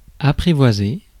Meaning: 1. to tame 2. to win over, to charm
- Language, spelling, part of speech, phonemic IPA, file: French, apprivoiser, verb, /a.pʁi.vwa.ze/, Fr-apprivoiser.ogg